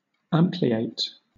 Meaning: To enlarge
- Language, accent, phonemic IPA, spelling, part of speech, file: English, Southern England, /ˈæmplieɪt/, ampliate, verb, LL-Q1860 (eng)-ampliate.wav